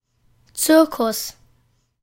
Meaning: 1. circus (arena in Antiquity) 2. circus (kind of entertainment show) 3. exaggerated and annoying ado; airs; fuss, e.g. of a child, at an event, etc.; dog and pony show
- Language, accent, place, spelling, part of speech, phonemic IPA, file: German, Germany, Berlin, Zirkus, noun, /ˈt͡sɪʁkʊs/, De-Zirkus.ogg